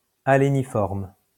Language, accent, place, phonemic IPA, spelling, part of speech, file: French, France, Lyon, /a.le.ni.fɔʁm/, aléniforme, adjective, LL-Q150 (fra)-aléniforme.wav
- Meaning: acuminate